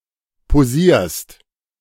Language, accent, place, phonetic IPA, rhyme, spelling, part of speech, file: German, Germany, Berlin, [poˈziːɐ̯st], -iːɐ̯st, posierst, verb, De-posierst.ogg
- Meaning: second-person singular present of posieren